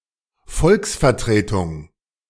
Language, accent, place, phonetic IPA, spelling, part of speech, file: German, Germany, Berlin, [ˈfɔlksfɛɐ̯tʁeːtʊŋ], Volksvertretung, noun, De-Volksvertretung.ogg
- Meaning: parliament, representation of the people